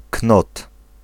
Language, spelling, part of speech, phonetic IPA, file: Polish, knot, noun, [knɔt], Pl-knot.ogg